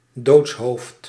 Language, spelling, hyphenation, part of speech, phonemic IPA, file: Dutch, doodshoofd, doods‧hoofd, noun, /ˈdoːts.ɦoːft/, Nl-doodshoofd.ogg
- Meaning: a death's-head, a (human) skull, notably as an emblem